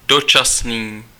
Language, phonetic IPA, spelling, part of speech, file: Czech, [ˈdot͡ʃasniː], dočasný, adjective, Cs-dočasný.ogg
- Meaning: temporary